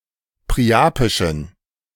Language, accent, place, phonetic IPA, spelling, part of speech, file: German, Germany, Berlin, [pʁiˈʔaːpɪʃn̩], priapischen, adjective, De-priapischen.ogg
- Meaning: inflection of priapisch: 1. strong genitive masculine/neuter singular 2. weak/mixed genitive/dative all-gender singular 3. strong/weak/mixed accusative masculine singular 4. strong dative plural